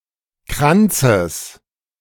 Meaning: genitive singular of Kranz
- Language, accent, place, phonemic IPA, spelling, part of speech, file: German, Germany, Berlin, /ˈkʁantsəs/, Kranzes, noun, De-Kranzes.ogg